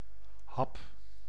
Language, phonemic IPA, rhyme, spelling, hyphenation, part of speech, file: Dutch, /ɦɑp/, -ɑp, hap, hap, noun / verb, Nl-hap.ogg
- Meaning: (noun) 1. bite 2. chunk 3. snack, light meal; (verb) inflection of happen: 1. first-person singular present indicative 2. second-person singular present indicative 3. imperative